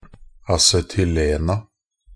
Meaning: definite plural of acetylen
- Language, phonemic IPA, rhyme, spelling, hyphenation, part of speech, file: Norwegian Bokmål, /asɛtʏˈleːna/, -eːna, acetylena, a‧ce‧tyl‧en‧a, noun, Nb-acetylena.ogg